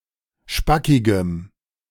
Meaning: strong dative masculine/neuter singular of spackig
- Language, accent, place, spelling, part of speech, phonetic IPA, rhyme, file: German, Germany, Berlin, spackigem, adjective, [ˈʃpakɪɡəm], -akɪɡəm, De-spackigem.ogg